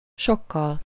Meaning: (adverb) much (to a great extent); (adjective) instrumental singular of sok
- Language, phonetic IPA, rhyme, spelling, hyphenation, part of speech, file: Hungarian, [ˈʃokːɒl], -ɒl, sokkal, sok‧kal, adverb / adjective, Hu-sokkal.ogg